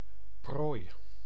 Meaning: prey, catch
- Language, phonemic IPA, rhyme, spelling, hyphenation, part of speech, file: Dutch, /proːi̯/, -oːi̯, prooi, prooi, noun, Nl-prooi.ogg